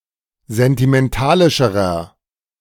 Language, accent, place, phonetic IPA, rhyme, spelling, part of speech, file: German, Germany, Berlin, [zɛntimɛnˈtaːlɪʃəʁɐ], -aːlɪʃəʁɐ, sentimentalischerer, adjective, De-sentimentalischerer.ogg
- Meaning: inflection of sentimentalisch: 1. strong/mixed nominative masculine singular comparative degree 2. strong genitive/dative feminine singular comparative degree